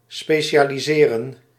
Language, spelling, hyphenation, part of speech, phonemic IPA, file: Dutch, specialiseren, spe‧ci‧a‧li‧se‧ren, verb, /ˌspeː.ʃaː.liˈzeː.rə(n)/, Nl-specialiseren.ogg
- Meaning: to specialize oneself